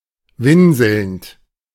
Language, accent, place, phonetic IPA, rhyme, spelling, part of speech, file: German, Germany, Berlin, [ˈvɪnzl̩nt], -ɪnzl̩nt, winselnd, verb, De-winselnd.ogg
- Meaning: present participle of winseln